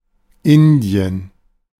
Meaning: India (a country in South Asia)
- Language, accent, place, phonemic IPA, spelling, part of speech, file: German, Germany, Berlin, /ˈɪndi̯ən/, Indien, proper noun, De-Indien.ogg